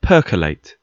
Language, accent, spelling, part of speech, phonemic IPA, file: English, UK, percolate, verb / noun, /ˈpɜːkəleɪt/, En-gb-percolate.ogg
- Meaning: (verb) 1. To pass a liquid through a porous substance; to filter 2. To drain or seep through a porous substance 3. To make (coffee) in a percolator